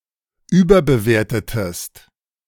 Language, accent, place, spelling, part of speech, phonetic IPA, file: German, Germany, Berlin, überbewertetest, verb, [ˈyːbɐbəˌveːɐ̯tətəst], De-überbewertetest.ogg
- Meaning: inflection of überbewerten: 1. second-person singular preterite 2. second-person singular subjunctive II